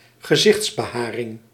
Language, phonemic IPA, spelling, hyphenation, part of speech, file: Dutch, /ɣəˈzɪx(t)s.bəˌɦaː.rɪŋ/, gezichtsbeharing, ge‧zichts‧be‧ha‧ring, noun, Nl-gezichtsbeharing.ogg
- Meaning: facial hair